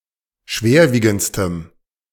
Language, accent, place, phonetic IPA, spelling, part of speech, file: German, Germany, Berlin, [ˈʃveːɐ̯ˌviːɡn̩t͡stəm], schwerwiegendstem, adjective, De-schwerwiegendstem.ogg
- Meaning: strong dative masculine/neuter singular superlative degree of schwerwiegend